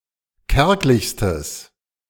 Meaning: strong/mixed nominative/accusative neuter singular superlative degree of kärglich
- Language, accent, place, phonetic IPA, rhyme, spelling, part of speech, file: German, Germany, Berlin, [ˈkɛʁklɪçstəs], -ɛʁklɪçstəs, kärglichstes, adjective, De-kärglichstes.ogg